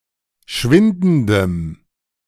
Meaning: strong dative masculine/neuter singular of schwindend
- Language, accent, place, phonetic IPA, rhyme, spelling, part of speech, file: German, Germany, Berlin, [ˈʃvɪndn̩dəm], -ɪndn̩dəm, schwindendem, adjective, De-schwindendem.ogg